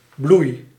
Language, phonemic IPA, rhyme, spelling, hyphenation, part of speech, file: Dutch, /blui̯/, -ui̯, bloei, bloei, noun / verb, Nl-bloei.ogg
- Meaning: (noun) blossom, blossoming; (verb) inflection of bloeien: 1. first-person singular present indicative 2. second-person singular present indicative 3. imperative